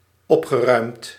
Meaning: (verb) past participle of opruimen; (adjective) cheerful
- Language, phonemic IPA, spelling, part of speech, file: Dutch, /ˈɔpxəˌrœy̯mt/, opgeruimd, verb / adjective, Nl-opgeruimd.ogg